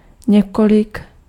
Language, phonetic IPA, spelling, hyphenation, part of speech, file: Czech, [ˈɲɛkolɪk], několik, ně‧ko‧lik, determiner, Cs-několik.ogg
- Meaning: several, a few